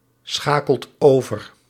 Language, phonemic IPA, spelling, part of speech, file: Dutch, /ˈsxakəlt ˈovər/, schakelt over, verb, Nl-schakelt over.ogg
- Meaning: inflection of overschakelen: 1. second/third-person singular present indicative 2. plural imperative